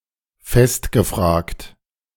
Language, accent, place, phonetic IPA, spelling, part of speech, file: German, Germany, Berlin, [ˈfɛstɡəˌfr̺aːkt], festgefragt, verb, De-festgefragt.ogg
- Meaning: past participle of festfragen